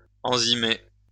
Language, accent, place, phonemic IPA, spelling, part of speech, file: French, France, Lyon, /ɑ̃.zi.me/, enzymer, verb, LL-Q150 (fra)-enzymer.wav
- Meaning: to add yeast or other sources of enzymes as part of winemaking